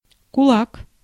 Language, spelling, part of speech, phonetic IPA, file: Russian, кулак, noun, [kʊˈɫak], Ru-кулак.ogg
- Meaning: 1. fist 2. concentrated force 3. cam 4. kulak (a prosperous peasant in the Russian Empire or the Soviet Union, who owned land and could hire workers)